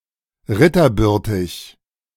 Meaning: highborn, noble
- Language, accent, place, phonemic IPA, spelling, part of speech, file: German, Germany, Berlin, /ˈʁɪtɐˌbʏʁtɪç/, ritterbürtig, adjective, De-ritterbürtig.ogg